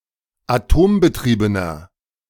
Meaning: inflection of atombetrieben: 1. strong/mixed nominative masculine singular 2. strong genitive/dative feminine singular 3. strong genitive plural
- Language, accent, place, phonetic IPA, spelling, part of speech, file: German, Germany, Berlin, [aˈtoːmbəˌtʁiːbənɐ], atombetriebener, adjective, De-atombetriebener.ogg